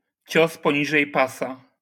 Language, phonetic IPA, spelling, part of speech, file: Polish, [ˈt͡ɕɔs pɔ̃ˈɲiʒɛj ˈpasa], cios poniżej pasa, noun, LL-Q809 (pol)-cios poniżej pasa.wav